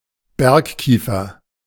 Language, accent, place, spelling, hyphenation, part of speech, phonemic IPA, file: German, Germany, Berlin, Bergkiefer, Berg‧kie‧fer, noun, /ˈbɛʁkˌkiːfɐ/, De-Bergkiefer.ogg
- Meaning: mountain pine